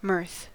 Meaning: 1. The emotion usually following humor and accompanied by laughter 2. That which causes merriment
- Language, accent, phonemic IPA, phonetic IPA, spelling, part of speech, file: English, US, /mɜɹθ/, [mɝθ], mirth, noun, En-us-mirth.ogg